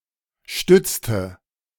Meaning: inflection of stützen: 1. first/third-person singular preterite 2. first/third-person singular subjunctive II
- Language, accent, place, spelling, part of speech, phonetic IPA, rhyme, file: German, Germany, Berlin, stützte, verb, [ˈʃtʏt͡stə], -ʏt͡stə, De-stützte.ogg